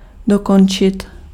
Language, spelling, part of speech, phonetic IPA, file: Czech, dokončit, verb, [ˈdokont͡ʃɪt], Cs-dokončit.ogg
- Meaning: to complete, to finish